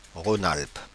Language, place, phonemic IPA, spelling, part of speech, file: French, Paris, /ʁo.nalp/, Rhône-Alpes, proper noun, Fr-Rhône-Alpes.oga
- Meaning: Rhône-Alpes (a former administrative region of France, since 2016 part of the region of Auvergne-Rhône-Alpes)